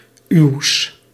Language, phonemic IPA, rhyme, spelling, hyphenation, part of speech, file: Dutch, /yu̯s/, -yu̯s, uws, uws, determiner / pronoun, Nl-uws.ogg
- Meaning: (determiner) genitive masculine/neuter of uw (“you (polite or dialectal)”); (pronoun) genitive of u (“you (polite)”)